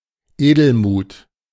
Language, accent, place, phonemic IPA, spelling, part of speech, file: German, Germany, Berlin, /ˈeːdl̩ˌmuːt/, Edelmut, noun, De-Edelmut.ogg
- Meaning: generosity; kind-heartedness